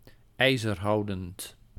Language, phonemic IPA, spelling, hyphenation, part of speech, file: Dutch, /ˌɛi̯.zərˈɦɑu̯.dənt/, ijzerhoudend, ij‧zer‧hou‧dend, adjective, Nl-ijzerhoudend.ogg
- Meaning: ferrous